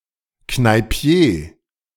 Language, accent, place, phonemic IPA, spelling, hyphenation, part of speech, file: German, Germany, Berlin, /knaɪ̯ˈpi̯eː/, Kneipier, Knei‧pi‧er, noun, De-Kneipier.ogg
- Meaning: owner of a pub